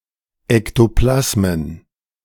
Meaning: plural of Ektoplasma
- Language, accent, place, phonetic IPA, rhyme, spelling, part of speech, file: German, Germany, Berlin, [ɛktoˈplasmən], -asmən, Ektoplasmen, noun, De-Ektoplasmen.ogg